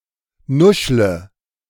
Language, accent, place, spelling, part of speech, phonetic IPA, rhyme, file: German, Germany, Berlin, nuschle, verb, [ˈnʊʃlə], -ʊʃlə, De-nuschle.ogg
- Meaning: inflection of nuscheln: 1. first-person singular present 2. first/third-person singular subjunctive I 3. singular imperative